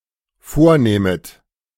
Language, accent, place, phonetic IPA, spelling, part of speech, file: German, Germany, Berlin, [ˈfoːɐ̯ˌnɛːmət], vornähmet, verb, De-vornähmet.ogg
- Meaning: second-person plural dependent subjunctive II of vornehmen